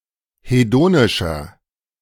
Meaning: inflection of hedonisch: 1. strong/mixed nominative masculine singular 2. strong genitive/dative feminine singular 3. strong genitive plural
- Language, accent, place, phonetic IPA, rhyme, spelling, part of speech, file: German, Germany, Berlin, [heˈdoːnɪʃɐ], -oːnɪʃɐ, hedonischer, adjective, De-hedonischer.ogg